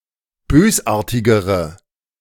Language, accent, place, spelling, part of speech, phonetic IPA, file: German, Germany, Berlin, bösartigere, adjective, [ˈbøːsˌʔaːɐ̯tɪɡəʁə], De-bösartigere.ogg
- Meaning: inflection of bösartig: 1. strong/mixed nominative/accusative feminine singular comparative degree 2. strong nominative/accusative plural comparative degree